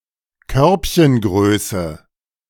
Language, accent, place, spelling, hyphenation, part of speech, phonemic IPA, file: German, Germany, Berlin, Körbchengröße, Körb‧chen‧grö‧ße, noun, /ˈkœʁpçənˌɡʁøːsə/, De-Körbchengröße.ogg
- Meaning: cup size